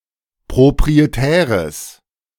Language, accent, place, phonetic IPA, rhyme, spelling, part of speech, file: German, Germany, Berlin, [pʁopʁieˈtɛːʁəs], -ɛːʁəs, proprietäres, adjective, De-proprietäres.ogg
- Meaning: strong/mixed nominative/accusative neuter singular of proprietär